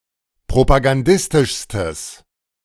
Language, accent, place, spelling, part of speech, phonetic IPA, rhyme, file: German, Germany, Berlin, propagandistischstes, adjective, [pʁopaɡanˈdɪstɪʃstəs], -ɪstɪʃstəs, De-propagandistischstes.ogg
- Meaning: strong/mixed nominative/accusative neuter singular superlative degree of propagandistisch